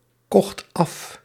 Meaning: singular past indicative of afkopen
- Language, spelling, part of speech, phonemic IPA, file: Dutch, kocht af, verb, /ˈkɔxt ˈɑf/, Nl-kocht af.ogg